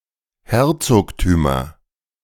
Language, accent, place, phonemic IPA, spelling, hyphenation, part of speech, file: German, Germany, Berlin, /ˈhɛʁtsoːktyːmɐ/, Herzogtümer, Her‧zog‧tü‧mer, noun, De-Herzogtümer.ogg
- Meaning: nominative/accusative/genitive plural of Herzogtum